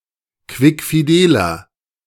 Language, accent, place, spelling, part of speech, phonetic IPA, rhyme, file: German, Germany, Berlin, quickfideler, adjective, [ˌkvɪkfiˈdeːlɐ], -eːlɐ, De-quickfideler.ogg
- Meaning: inflection of quickfidel: 1. strong/mixed nominative masculine singular 2. strong genitive/dative feminine singular 3. strong genitive plural